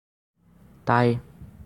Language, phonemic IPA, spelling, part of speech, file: Assamese, /tɑi/, তাই, pronoun, As-তাই.ogg
- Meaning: she